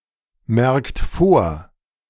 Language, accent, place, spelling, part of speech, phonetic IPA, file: German, Germany, Berlin, merkt vor, verb, [ˌmɛʁkt ˈfoːɐ̯], De-merkt vor.ogg
- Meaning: inflection of vormerken: 1. third-person singular present 2. second-person plural present 3. plural imperative